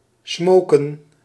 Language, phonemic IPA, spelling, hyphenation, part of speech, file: Dutch, /ˈsmoːkə(n)/, smoken, smo‧ken, verb, Nl-smoken.ogg
- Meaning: 1. to smoke, especially tobacco or a pipe 2. to burn, cause to emit smoke 3. to fry, cook, or braise 4. to give off smoke, smoulder; to emit a vapour, fume 5. to drizzle